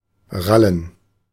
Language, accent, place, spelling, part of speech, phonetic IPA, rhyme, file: German, Germany, Berlin, Rallen, noun, [ˈʁalən], -alən, De-Rallen.ogg
- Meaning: plural of Ralle